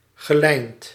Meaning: past participle of lijnen
- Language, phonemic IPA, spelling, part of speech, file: Dutch, /ɣəˈlɛint/, gelijnd, verb / adjective, Nl-gelijnd.ogg